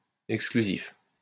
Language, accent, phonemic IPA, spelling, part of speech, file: French, France, /ɛk.skly.zif/, exclusif, adjective, LL-Q150 (fra)-exclusif.wav
- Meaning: exclusive